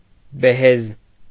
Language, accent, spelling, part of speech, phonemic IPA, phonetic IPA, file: Armenian, Eastern Armenian, բեհեզ, noun, /beˈhez/, [behéz], Hy-բեհեզ.ogg
- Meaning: byssus, fine linen